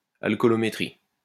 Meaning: alcoholometry
- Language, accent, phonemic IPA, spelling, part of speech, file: French, France, /al.kɔ.lɔ.me.tʁi/, alcoolométrie, noun, LL-Q150 (fra)-alcoolométrie.wav